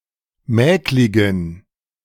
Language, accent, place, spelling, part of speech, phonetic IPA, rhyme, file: German, Germany, Berlin, mäkligen, adjective, [ˈmɛːklɪɡn̩], -ɛːklɪɡn̩, De-mäkligen.ogg
- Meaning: inflection of mäklig: 1. strong genitive masculine/neuter singular 2. weak/mixed genitive/dative all-gender singular 3. strong/weak/mixed accusative masculine singular 4. strong dative plural